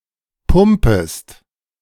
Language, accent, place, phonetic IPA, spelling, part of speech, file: German, Germany, Berlin, [ˈpʊmpəst], pumpest, verb, De-pumpest.ogg
- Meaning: second-person singular subjunctive I of pumpen